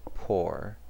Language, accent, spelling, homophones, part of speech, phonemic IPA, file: English, US, pore, pour, noun / verb, /poɹ/, En-us-pore.ogg
- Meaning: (noun) 1. A tiny opening in the skin 2. By extension any small opening or interstice, especially one of many, or one allowing the passage of a fluid